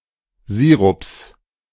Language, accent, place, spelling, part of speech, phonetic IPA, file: German, Germany, Berlin, Sirups, noun, [ˈziːʁʊps], De-Sirups.ogg
- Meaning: plural of Sirup